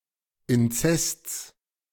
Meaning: genitive singular of Inzest
- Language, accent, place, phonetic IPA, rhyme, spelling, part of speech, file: German, Germany, Berlin, [ɪnˈt͡sɛst͡s], -ɛst͡s, Inzests, noun, De-Inzests.ogg